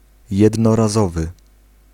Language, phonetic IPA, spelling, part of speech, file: Polish, [ˌjɛdnɔraˈzɔvɨ], jednorazowy, adjective, Pl-jednorazowy.ogg